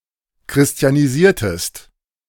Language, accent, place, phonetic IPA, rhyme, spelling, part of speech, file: German, Germany, Berlin, [kʁɪsti̯aniˈziːɐ̯təst], -iːɐ̯təst, christianisiertest, verb, De-christianisiertest.ogg
- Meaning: inflection of christianisieren: 1. second-person singular preterite 2. second-person singular subjunctive II